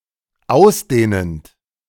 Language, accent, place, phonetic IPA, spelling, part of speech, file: German, Germany, Berlin, [ˈaʊ̯sˌdeːnənt], ausdehnend, verb, De-ausdehnend.ogg
- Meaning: present participle of ausdehnen